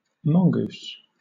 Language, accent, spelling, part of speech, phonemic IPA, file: English, Southern England, mongoose, noun, /ˈmɒŋ.ɡuːs/, LL-Q1860 (eng)-mongoose.wav